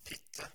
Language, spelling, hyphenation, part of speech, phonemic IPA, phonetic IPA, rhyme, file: Norwegian Bokmål, fitte, fit‧te, noun, /²fɪtːə/, [ˈfɪ̂tːə̌], -ɪtːə, No-fitte.ogg
- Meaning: the female external genitalia or genital opening, especially the vulva or vagina, of a woman or female animal; cunt, pussy